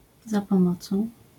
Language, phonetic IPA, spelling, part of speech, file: Polish, [ˌza‿pɔ̃ˈmɔt͡sɔ̃w̃], za pomocą, prepositional phrase, LL-Q809 (pol)-za pomocą.wav